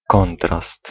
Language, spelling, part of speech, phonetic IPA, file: Polish, kontrast, noun, [ˈkɔ̃ntrast], Pl-kontrast.ogg